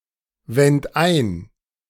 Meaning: 1. first-person plural preterite of einwenden 2. third-person plural preterite of einwenden# second-person plural preterite of einwenden# singular imperative of einwenden
- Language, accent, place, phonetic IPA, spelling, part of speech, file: German, Germany, Berlin, [ˌvɛnt ˈaɪ̯n], wend ein, verb, De-wend ein.ogg